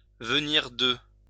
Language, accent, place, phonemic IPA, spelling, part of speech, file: French, France, Lyon, /və.niʁ də/, venir de, verb, LL-Q150 (fra)-venir de.wav
- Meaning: 1. to come from, to be from, to originate from 2. to have just done